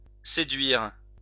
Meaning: 1. to seduce 2. to lure
- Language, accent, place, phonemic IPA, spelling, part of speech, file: French, France, Lyon, /se.dɥiʁ/, séduire, verb, LL-Q150 (fra)-séduire.wav